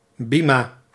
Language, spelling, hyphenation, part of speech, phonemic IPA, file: Dutch, bima, bi‧ma, noun, /ˈbi.maː/, Nl-bima.ogg
- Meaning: bima (raised platform in a synagogue)